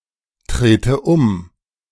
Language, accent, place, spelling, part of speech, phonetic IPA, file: German, Germany, Berlin, trete um, verb, [ˌtʁeːtə ˈʊm], De-trete um.ogg
- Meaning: inflection of umtreten: 1. first-person singular present 2. first/third-person singular subjunctive I